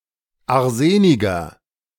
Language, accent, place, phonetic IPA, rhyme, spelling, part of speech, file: German, Germany, Berlin, [aʁˈzeːnɪɡɐ], -eːnɪɡɐ, arseniger, adjective, De-arseniger.ogg
- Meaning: inflection of arsenig: 1. strong/mixed nominative masculine singular 2. strong genitive/dative feminine singular 3. strong genitive plural